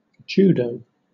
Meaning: A Japanese martial art and sport adapted from jujitsu
- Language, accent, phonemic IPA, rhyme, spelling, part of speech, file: English, Southern England, /ˈd͡ʒuːdəʊ/, -uːdəʊ, judo, noun, LL-Q1860 (eng)-judo.wav